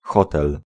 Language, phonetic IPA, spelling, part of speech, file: Polish, [ˈxɔtɛl], hotel, noun, Pl-hotel.ogg